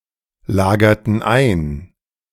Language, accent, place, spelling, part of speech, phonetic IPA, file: German, Germany, Berlin, lagerten ein, verb, [ˌlaːɡɐtn̩ ˈaɪ̯n], De-lagerten ein.ogg
- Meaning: inflection of einlagern: 1. first/third-person plural preterite 2. first/third-person plural subjunctive II